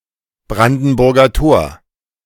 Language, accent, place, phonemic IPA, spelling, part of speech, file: German, Germany, Berlin, /ˈbʁandn̩ˌbʊʁɡɐ toːɐ̯/, Brandenburger Tor, proper noun, De-Brandenburger Tor.ogg
- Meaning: Brandenburg Gate (18th-century neoclassical monument in Berlin)